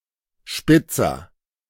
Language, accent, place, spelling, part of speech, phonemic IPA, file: German, Germany, Berlin, Spitzer, noun / proper noun, /ˈʃpɪtsɐ/, De-Spitzer.ogg
- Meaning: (noun) 1. agent noun of spitzen 2. agent noun of spitzen: sharpener (device for making things sharp); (proper noun) a surname